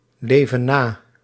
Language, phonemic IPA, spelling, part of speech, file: Dutch, /ˈlevə(n) ˈna/, leven na, verb, Nl-leven na.ogg
- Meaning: inflection of naleven: 1. plural present indicative 2. plural present subjunctive